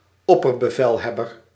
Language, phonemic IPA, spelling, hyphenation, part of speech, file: Dutch, /ˈɔ.pər.bəˌvɛl.ɦɛ.bər/, opperbevelhebber, op‧per‧be‧vel‧heb‧ber, noun, Nl-opperbevelhebber.ogg
- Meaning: commander-in-chief, supreme commander